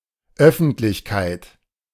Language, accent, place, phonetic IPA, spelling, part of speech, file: German, Germany, Berlin, [ˈœfn̩tlɪçkaɪ̯t], Öffentlichkeit, noun, De-Öffentlichkeit.ogg
- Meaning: 1. public 2. publicity